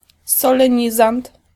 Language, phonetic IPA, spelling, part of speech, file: Polish, [ˌsɔlɛ̃ˈɲizãnt], solenizant, noun, Pl-solenizant.ogg